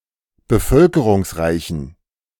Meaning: inflection of bevölkerungsreich: 1. strong genitive masculine/neuter singular 2. weak/mixed genitive/dative all-gender singular 3. strong/weak/mixed accusative masculine singular
- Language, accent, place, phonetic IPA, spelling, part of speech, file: German, Germany, Berlin, [bəˈfœlkəʁʊŋsˌʁaɪ̯çn̩], bevölkerungsreichen, adjective, De-bevölkerungsreichen.ogg